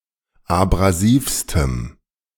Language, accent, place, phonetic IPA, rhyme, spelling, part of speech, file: German, Germany, Berlin, [abʁaˈziːfstəm], -iːfstəm, abrasivstem, adjective, De-abrasivstem.ogg
- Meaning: strong dative masculine/neuter singular superlative degree of abrasiv